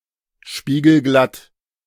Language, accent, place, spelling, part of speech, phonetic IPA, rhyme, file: German, Germany, Berlin, spiegelglatt, adjective, [ˌʃpiːɡl̩ˈɡlat], -at, De-spiegelglatt.ogg
- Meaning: glassy (smooth as glass)